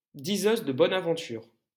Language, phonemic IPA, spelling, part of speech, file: French, /di.zøz də bɔ.n‿a.vɑ̃.tyʁ/, diseuse de bonne aventure, noun, LL-Q150 (fra)-diseuse de bonne aventure.wav
- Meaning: fortune-teller (one who predicts the future)